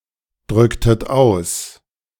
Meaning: inflection of ausdrücken: 1. second-person plural preterite 2. second-person plural subjunctive II
- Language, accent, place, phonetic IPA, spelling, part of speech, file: German, Germany, Berlin, [ˌdʁʏktət ˈaʊ̯s], drücktet aus, verb, De-drücktet aus.ogg